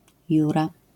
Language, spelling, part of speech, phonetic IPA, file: Polish, jura, noun, [ˈjura], LL-Q809 (pol)-jura.wav